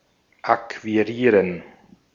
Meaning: to acquire (to gain, usually by one's own exertions; to get as one's own)
- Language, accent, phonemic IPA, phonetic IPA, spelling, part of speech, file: German, Austria, /akviˈʁiːʁən/, [ʔakʰviˈʁiːɐ̯n], akquirieren, verb, De-at-akquirieren.ogg